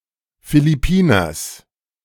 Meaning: genitive of Philippiner
- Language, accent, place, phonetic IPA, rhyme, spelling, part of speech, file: German, Germany, Berlin, [filɪˈpiːnɐs], -iːnɐs, Philippiners, noun, De-Philippiners.ogg